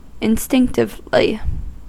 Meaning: Innately; by instinct; without being taught
- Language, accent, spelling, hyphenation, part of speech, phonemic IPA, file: English, US, instinctively, in‧stinc‧tive‧ly, adverb, /ɪnˈstɪŋktɪvli/, En-us-instinctively.ogg